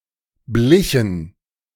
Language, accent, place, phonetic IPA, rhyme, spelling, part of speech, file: German, Germany, Berlin, [ˈblɪçn̩], -ɪçn̩, blichen, verb, De-blichen.ogg
- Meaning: inflection of bleichen: 1. first/third-person plural preterite 2. first/third-person plural subjunctive II